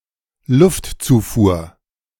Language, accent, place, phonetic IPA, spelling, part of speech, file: German, Germany, Berlin, [ˈlʊftˌt͡suːfuːɐ̯], Luftzufuhr, noun, De-Luftzufuhr.ogg
- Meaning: air supply